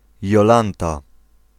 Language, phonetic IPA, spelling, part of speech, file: Polish, [jɔˈlãnta], Jolanta, proper noun, Pl-Jolanta.ogg